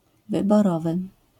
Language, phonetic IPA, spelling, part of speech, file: Polish, [ˌvɨbɔˈrɔvɨ], wyborowy, adjective, LL-Q809 (pol)-wyborowy.wav